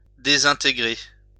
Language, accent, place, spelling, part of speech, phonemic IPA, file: French, France, Lyon, désintégrer, verb, /de.zɛ̃.te.ɡʁe/, LL-Q150 (fra)-désintégrer.wav
- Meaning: to disintegrate